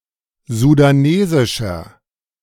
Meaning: inflection of sudanesisch: 1. strong/mixed nominative masculine singular 2. strong genitive/dative feminine singular 3. strong genitive plural
- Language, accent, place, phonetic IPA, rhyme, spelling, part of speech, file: German, Germany, Berlin, [zudaˈneːzɪʃɐ], -eːzɪʃɐ, sudanesischer, adjective, De-sudanesischer.ogg